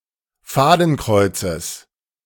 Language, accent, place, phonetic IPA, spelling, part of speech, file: German, Germany, Berlin, [ˈfaːdn̩ˌkʁɔɪ̯t͡səs], Fadenkreuzes, noun, De-Fadenkreuzes.ogg
- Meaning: genitive singular of Fadenkreuz